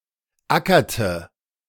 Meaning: inflection of ackern: 1. first/third-person singular preterite 2. first/third-person singular subjunctive II
- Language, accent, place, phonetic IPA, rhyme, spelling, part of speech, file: German, Germany, Berlin, [ˈakɐtə], -akɐtə, ackerte, verb, De-ackerte.ogg